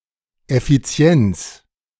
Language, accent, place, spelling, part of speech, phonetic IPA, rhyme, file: German, Germany, Berlin, Effizienz, noun, [ɛfiˈt͡si̯ɛnt͡s], -ɛnt͡s, De-Effizienz.ogg
- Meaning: efficiency